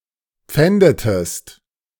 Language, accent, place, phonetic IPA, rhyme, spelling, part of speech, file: German, Germany, Berlin, [ˈp͡fɛndətəst], -ɛndətəst, pfändetest, verb, De-pfändetest.ogg
- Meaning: inflection of pfänden: 1. second-person singular preterite 2. second-person singular subjunctive II